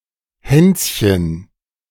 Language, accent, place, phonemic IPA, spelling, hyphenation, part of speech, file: German, Germany, Berlin, /ˈhɛns.çən/, Hänschen, Häns‧chen, proper noun, De-Hänschen.ogg
- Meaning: a diminutive of the male given name Hans